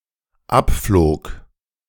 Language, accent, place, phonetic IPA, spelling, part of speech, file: German, Germany, Berlin, [ˈapfloːk], abflog, verb, De-abflog.ogg
- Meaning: first/third-person singular dependent preterite of abfliegen